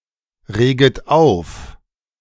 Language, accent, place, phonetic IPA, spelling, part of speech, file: German, Germany, Berlin, [ˌʁeːɡət ˈaʊ̯f], reget auf, verb, De-reget auf.ogg
- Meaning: second-person plural subjunctive I of aufregen